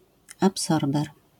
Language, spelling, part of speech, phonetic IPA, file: Polish, absorber, noun, [apˈsɔrbɛr], LL-Q809 (pol)-absorber.wav